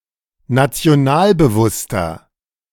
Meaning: 1. comparative degree of nationalbewusst 2. inflection of nationalbewusst: strong/mixed nominative masculine singular 3. inflection of nationalbewusst: strong genitive/dative feminine singular
- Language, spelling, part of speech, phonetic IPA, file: German, nationalbewusster, adjective, [nat͡si̯oˈnaːlbəˌvʊstɐ], De-nationalbewusster.oga